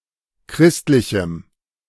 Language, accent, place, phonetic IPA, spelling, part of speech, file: German, Germany, Berlin, [ˈkʁɪstlɪçm̩], christlichem, adjective, De-christlichem.ogg
- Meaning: strong dative masculine/neuter singular of christlich